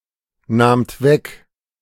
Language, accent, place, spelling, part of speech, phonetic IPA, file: German, Germany, Berlin, nahmt weg, verb, [ˌnaːmt ˈvɛk], De-nahmt weg.ogg
- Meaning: second-person plural preterite of wegnehmen